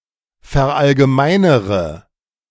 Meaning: inflection of verallgemeinern: 1. first-person singular present 2. first/third-person singular subjunctive I 3. singular imperative
- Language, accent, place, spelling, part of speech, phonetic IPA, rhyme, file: German, Germany, Berlin, verallgemeinere, verb, [fɛɐ̯ʔalɡəˈmaɪ̯nəʁə], -aɪ̯nəʁə, De-verallgemeinere.ogg